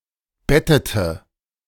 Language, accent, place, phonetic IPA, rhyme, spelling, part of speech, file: German, Germany, Berlin, [ˈbɛtətə], -ɛtətə, bettete, verb, De-bettete.ogg
- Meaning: inflection of betten: 1. first/third-person singular preterite 2. first/third-person singular subjunctive II